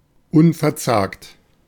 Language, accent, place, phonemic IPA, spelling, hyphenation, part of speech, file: German, Germany, Berlin, /ˈʊnfɛɐ̯ˌt͡saːkt/, unverzagt, un‧ver‧zagt, adjective, De-unverzagt.ogg
- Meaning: undaunted, intrepid